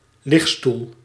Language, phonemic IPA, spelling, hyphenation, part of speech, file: Dutch, /ˈlɪx.stul/, ligstoel, lig‧stoel, noun, Nl-ligstoel.ogg
- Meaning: a lounger, a lounging chair